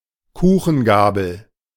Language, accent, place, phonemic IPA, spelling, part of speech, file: German, Germany, Berlin, /ˈkuːxənˌɡaːbəl/, Kuchengabel, noun, De-Kuchengabel.ogg
- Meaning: small fork; pastry fork